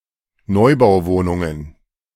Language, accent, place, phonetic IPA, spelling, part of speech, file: German, Germany, Berlin, [ˈnɔɪ̯baʊ̯ˌvoːnʊŋən], Neubauwohnungen, noun, De-Neubauwohnungen.ogg
- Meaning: plural of Neubauwohnung